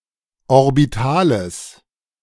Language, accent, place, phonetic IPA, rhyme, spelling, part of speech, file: German, Germany, Berlin, [ɔʁbiˈtaːləs], -aːləs, orbitales, adjective, De-orbitales.ogg
- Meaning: strong/mixed nominative/accusative neuter singular of orbital